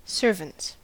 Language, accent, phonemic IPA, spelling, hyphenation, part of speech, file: English, US, /ˈsɝvənts/, servants, ser‧vants, noun / verb, En-us-servants.ogg
- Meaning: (noun) plural of servant; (verb) third-person singular simple present indicative of servant